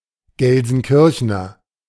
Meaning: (noun) a native or inhabitant of Gelsenkirchen; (adjective) of Gelsenkirchen
- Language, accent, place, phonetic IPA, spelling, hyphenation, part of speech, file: German, Germany, Berlin, [ˌɡɛlzn̩ˈkɪʁçənɐ], Gelsenkirchener, Gel‧sen‧kir‧che‧ner, noun / adjective, De-Gelsenkirchener.ogg